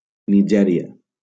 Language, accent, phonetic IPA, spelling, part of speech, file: Catalan, Valencia, [niˈd͡ʒɛ.ɾi.a], Nigèria, proper noun, LL-Q7026 (cat)-Nigèria.wav
- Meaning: Nigeria (a country in West Africa, south of the country of Niger)